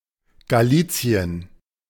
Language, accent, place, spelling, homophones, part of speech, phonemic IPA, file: German, Germany, Berlin, Galicien, Galizien, proper noun, /ɡaˈliːt͡si̯ən/, De-Galicien.ogg
- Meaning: Galicia (a former kingdom and autonomous community in northwestern Spain)